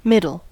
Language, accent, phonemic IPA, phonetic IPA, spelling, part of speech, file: English, US, /ˈmɪdl̩/, [ˈmɪ.ɾɫ̩], middle, noun / adjective / verb, En-us-middle.ogg
- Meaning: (noun) 1. A centre, midpoint 2. The part between the beginning and the end 3. The middle stump 4. The central part of a human body; the waist 5. The middle voice